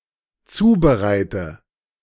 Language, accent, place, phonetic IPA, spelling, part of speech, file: German, Germany, Berlin, [ˈt͡suːbəˌʁaɪ̯tə], zubereite, verb, De-zubereite.ogg
- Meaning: inflection of zubereiten: 1. first-person singular dependent present 2. first/third-person singular dependent subjunctive I